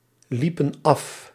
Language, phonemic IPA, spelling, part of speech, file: Dutch, /ˈlipə(n) ˈɑf/, liepen af, verb, Nl-liepen af.ogg
- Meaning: inflection of aflopen: 1. plural past indicative 2. plural past subjunctive